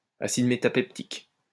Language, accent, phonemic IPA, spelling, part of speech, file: French, France, /a.sid me.ta.pɛk.tik/, acide métapectique, noun, LL-Q150 (fra)-acide métapectique.wav
- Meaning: metapectic acid